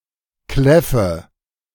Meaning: inflection of kläffen: 1. first-person singular present 2. first/third-person singular subjunctive I 3. singular imperative
- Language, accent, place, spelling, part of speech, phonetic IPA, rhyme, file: German, Germany, Berlin, kläffe, verb, [ˈklɛfə], -ɛfə, De-kläffe.ogg